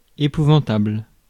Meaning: atrocious, awful, appalling
- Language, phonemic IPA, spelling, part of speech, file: French, /e.pu.vɑ̃.tabl/, épouvantable, adjective, Fr-épouvantable.ogg